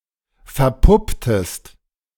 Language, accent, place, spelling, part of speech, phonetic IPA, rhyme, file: German, Germany, Berlin, verpupptest, verb, [fɛɐ̯ˈpʊptəst], -ʊptəst, De-verpupptest.ogg
- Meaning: inflection of verpuppen: 1. second-person singular preterite 2. second-person singular subjunctive II